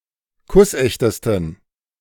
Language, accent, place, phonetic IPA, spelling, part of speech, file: German, Germany, Berlin, [ˈkʊsˌʔɛçtəstn̩], kussechtesten, adjective, De-kussechtesten.ogg
- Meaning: 1. superlative degree of kussecht 2. inflection of kussecht: strong genitive masculine/neuter singular superlative degree